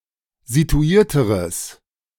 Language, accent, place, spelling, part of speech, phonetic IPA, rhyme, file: German, Germany, Berlin, situierteres, adjective, [zituˈiːɐ̯təʁəs], -iːɐ̯təʁəs, De-situierteres.ogg
- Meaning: strong/mixed nominative/accusative neuter singular comparative degree of situiert